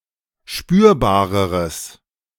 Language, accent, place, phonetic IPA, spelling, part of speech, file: German, Germany, Berlin, [ˈʃpyːɐ̯baːʁəʁəs], spürbareres, adjective, De-spürbareres.ogg
- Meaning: strong/mixed nominative/accusative neuter singular comparative degree of spürbar